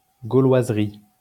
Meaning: bawdiness
- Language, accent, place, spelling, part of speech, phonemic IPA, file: French, France, Lyon, gauloiserie, noun, /ɡo.lwaz.ʁi/, LL-Q150 (fra)-gauloiserie.wav